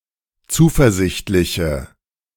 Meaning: inflection of zuversichtlich: 1. strong/mixed nominative/accusative feminine singular 2. strong nominative/accusative plural 3. weak nominative all-gender singular
- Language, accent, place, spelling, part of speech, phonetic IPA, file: German, Germany, Berlin, zuversichtliche, adjective, [ˈt͡suːfɛɐ̯ˌzɪçtlɪçə], De-zuversichtliche.ogg